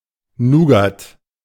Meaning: alternative spelling of Nougat
- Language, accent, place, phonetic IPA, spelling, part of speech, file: German, Germany, Berlin, [ˈnuːɡat], Nugat, noun, De-Nugat.ogg